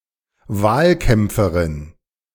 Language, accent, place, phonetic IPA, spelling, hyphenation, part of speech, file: German, Germany, Berlin, [ˈvaːlˌkɛmpfəʁɪn], Wahlkämpferin, Wahl‧kämp‧fe‧rin, noun, De-Wahlkämpferin.ogg
- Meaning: female equivalent of Wahlkämpfer (“election campaigner”)